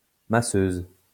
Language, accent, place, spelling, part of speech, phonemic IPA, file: French, France, Lyon, masseuse, noun, /ma.søz/, LL-Q150 (fra)-masseuse.wav
- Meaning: female equivalent of masseur: masseuse